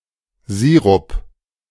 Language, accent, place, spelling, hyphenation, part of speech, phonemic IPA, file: German, Germany, Berlin, Sirup, Si‧rup, noun, /ˈziːʁʊp/, De-Sirup.ogg
- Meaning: 1. syrup (viscous, sweet liquid or semiliquid) 2. squash (drink made from syrup and water) 3. viscous, sweet medicine